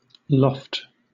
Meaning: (noun) 1. Air, the air; the sky, the heavens 2. An attic or similar space (often used for storage) in the roof of a house or other building
- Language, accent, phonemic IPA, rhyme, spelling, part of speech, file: English, Southern England, /lɒft/, -ɒft, loft, noun / verb / adjective, LL-Q1860 (eng)-loft.wav